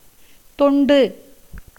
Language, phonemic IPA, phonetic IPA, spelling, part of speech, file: Tamil, /t̪oɳɖɯ/, [t̪o̞ɳɖɯ], தொண்டு, noun / numeral, Ta-தொண்டு.ogg
- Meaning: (noun) 1. service, devotedness, devoted service 2. slavery, as to a deity 3. slave, devoted servant 4. person of loose character 5. cattle pound 6. a kind of snipe 7. husk, as of coconut